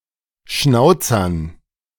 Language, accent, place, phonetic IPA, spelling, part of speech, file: German, Germany, Berlin, [ˈʃnaʊ̯t͡sɐn], Schnauzern, noun, De-Schnauzern.ogg
- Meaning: dative plural of Schnauzer